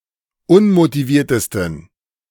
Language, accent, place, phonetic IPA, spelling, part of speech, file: German, Germany, Berlin, [ˈʊnmotiˌviːɐ̯təstn̩], unmotiviertesten, adjective, De-unmotiviertesten.ogg
- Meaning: 1. superlative degree of unmotiviert 2. inflection of unmotiviert: strong genitive masculine/neuter singular superlative degree